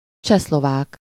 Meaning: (adjective) Czechoslovakian; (noun) Czechoslovak, a person from Czechoslovakia
- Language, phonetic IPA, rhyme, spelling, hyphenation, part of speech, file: Hungarian, [ˈt͡ʃɛslovaːk], -aːk, csehszlovák, cseh‧szlo‧vák, adjective / noun, Hu-csehszlovák.ogg